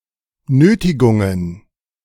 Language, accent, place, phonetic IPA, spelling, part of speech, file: German, Germany, Berlin, [ˈnøːtɪɡʊŋən], Nötigungen, noun, De-Nötigungen.ogg
- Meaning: plural of Nötigung